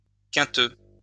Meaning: 1. quintan 2. bilious, ill-tempered
- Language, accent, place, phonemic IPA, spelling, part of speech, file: French, France, Lyon, /kɛ̃.tø/, quinteux, adjective, LL-Q150 (fra)-quinteux.wav